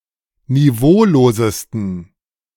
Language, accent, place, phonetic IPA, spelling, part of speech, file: German, Germany, Berlin, [niˈvoːloːzəstn̩], niveaulosesten, adjective, De-niveaulosesten.ogg
- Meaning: 1. superlative degree of niveaulos 2. inflection of niveaulos: strong genitive masculine/neuter singular superlative degree